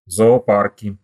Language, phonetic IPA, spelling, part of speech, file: Russian, [zɐɐˈparkʲɪ], зоопарки, noun, Ru-зоопарки.ogg
- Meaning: nominative/accusative plural of зоопа́рк (zoopárk)